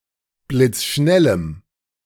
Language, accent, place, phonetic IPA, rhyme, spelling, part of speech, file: German, Germany, Berlin, [blɪt͡sˈʃnɛləm], -ɛləm, blitzschnellem, adjective, De-blitzschnellem.ogg
- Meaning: strong dative masculine/neuter singular of blitzschnell